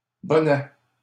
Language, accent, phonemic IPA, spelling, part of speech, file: French, Canada, /bɔ.nɛ/, bonnets, noun, LL-Q150 (fra)-bonnets.wav
- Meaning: plural of bonnet